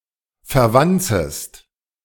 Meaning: second-person singular subjunctive I of verwanzen
- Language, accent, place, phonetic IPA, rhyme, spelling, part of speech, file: German, Germany, Berlin, [fɛɐ̯ˈvant͡səst], -ant͡səst, verwanzest, verb, De-verwanzest.ogg